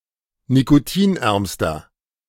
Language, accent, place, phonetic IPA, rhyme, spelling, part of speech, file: German, Germany, Berlin, [nikoˈtiːnˌʔɛʁmstɐ], -iːnʔɛʁmstɐ, nikotinärmster, adjective, De-nikotinärmster.ogg
- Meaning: inflection of nikotinarm: 1. strong/mixed nominative masculine singular superlative degree 2. strong genitive/dative feminine singular superlative degree 3. strong genitive plural superlative degree